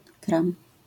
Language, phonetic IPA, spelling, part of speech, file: Polish, [krãm], kram, noun, LL-Q809 (pol)-kram.wav